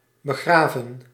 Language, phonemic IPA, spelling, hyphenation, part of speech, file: Dutch, /bəˈɣraːvə(n)/, begraven, be‧gra‧ven, verb, Nl-begraven.ogg
- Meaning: 1. to bury 2. past participle of begraven